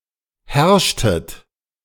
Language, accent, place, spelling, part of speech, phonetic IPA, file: German, Germany, Berlin, herrschtet, verb, [ˈhɛʁʃtət], De-herrschtet.ogg
- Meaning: inflection of herrschen: 1. second-person plural preterite 2. second-person plural subjunctive II